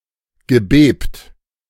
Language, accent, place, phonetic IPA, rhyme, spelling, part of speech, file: German, Germany, Berlin, [ɡəˈbeːpt], -eːpt, gebebt, verb, De-gebebt.ogg
- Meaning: past participle of beben